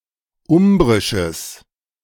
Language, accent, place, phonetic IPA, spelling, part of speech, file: German, Germany, Berlin, [ˈʊmbʁɪʃəs], umbrisches, adjective, De-umbrisches.ogg
- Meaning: strong/mixed nominative/accusative neuter singular of umbrisch